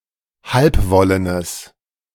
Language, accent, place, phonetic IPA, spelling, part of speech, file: German, Germany, Berlin, [ˈhalpˌvɔlənəs], halbwollenes, adjective, De-halbwollenes.ogg
- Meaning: strong/mixed nominative/accusative neuter singular of halbwollen